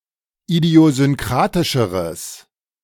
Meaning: strong/mixed nominative/accusative neuter singular comparative degree of idiosynkratisch
- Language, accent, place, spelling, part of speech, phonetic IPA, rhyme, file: German, Germany, Berlin, idiosynkratischeres, adjective, [idi̯ozʏnˈkʁaːtɪʃəʁəs], -aːtɪʃəʁəs, De-idiosynkratischeres.ogg